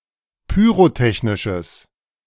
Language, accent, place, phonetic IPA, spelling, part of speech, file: German, Germany, Berlin, [pyːʁoˈtɛçnɪʃəs], pyrotechnisches, adjective, De-pyrotechnisches.ogg
- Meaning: strong/mixed nominative/accusative neuter singular of pyrotechnisch